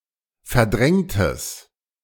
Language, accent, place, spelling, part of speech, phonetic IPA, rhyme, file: German, Germany, Berlin, verdrängtes, adjective, [fɛɐ̯ˈdʁɛŋtəs], -ɛŋtəs, De-verdrängtes.ogg
- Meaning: strong/mixed nominative/accusative neuter singular of verdrängt